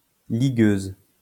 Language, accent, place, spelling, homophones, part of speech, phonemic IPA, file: French, France, Lyon, ligueuse, ligueuses, adjective, /li.ɡøz/, LL-Q150 (fra)-ligueuse.wav
- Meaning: feminine singular of ligueur